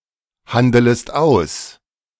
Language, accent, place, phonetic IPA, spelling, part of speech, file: German, Germany, Berlin, [ˌhandələst ˈaʊ̯s], handelest aus, verb, De-handelest aus.ogg
- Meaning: second-person singular subjunctive I of aushandeln